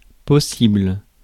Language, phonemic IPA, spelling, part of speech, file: French, /pɔ.sibl/, possible, adjective / adverb / noun, Fr-possible.ogg
- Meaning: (adjective) possible; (adverb) possibly; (noun) the possible, feasible, what can be done, achieved etc